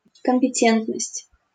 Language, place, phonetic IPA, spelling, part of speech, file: Russian, Saint Petersburg, [kəm⁽ʲ⁾pʲɪˈtʲentnəsʲtʲ], компетентность, noun, LL-Q7737 (rus)-компетентность.wav
- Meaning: competence (the quality or state of being competent for a general role)